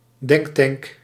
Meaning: think tank
- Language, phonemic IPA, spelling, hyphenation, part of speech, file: Dutch, /ˈdɛŋk.tɛŋk/, denktank, denk‧tank, noun, Nl-denktank.ogg